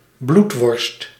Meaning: blood pudding, blood sausage
- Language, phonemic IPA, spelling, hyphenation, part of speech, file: Dutch, /ˈblut.ʋɔrst/, bloedworst, bloed‧worst, noun, Nl-bloedworst.ogg